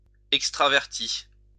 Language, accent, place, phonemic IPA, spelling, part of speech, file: French, France, Lyon, /ɛk.stʁa.vɛʁ.ti/, extraverti, adjective / noun, LL-Q150 (fra)-extraverti.wav
- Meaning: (adjective) extrovert